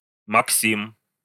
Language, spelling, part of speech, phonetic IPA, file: Russian, Максим, proper noun, [mɐkˈsʲim], Ru-Максим.ogg
- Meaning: a male given name, Maksim, from Latin, equivalent to English Maximus